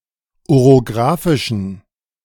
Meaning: inflection of orographisch: 1. strong genitive masculine/neuter singular 2. weak/mixed genitive/dative all-gender singular 3. strong/weak/mixed accusative masculine singular 4. strong dative plural
- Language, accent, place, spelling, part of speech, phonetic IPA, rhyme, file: German, Germany, Berlin, orographischen, adjective, [oʁoˈɡʁaːfɪʃn̩], -aːfɪʃn̩, De-orographischen.ogg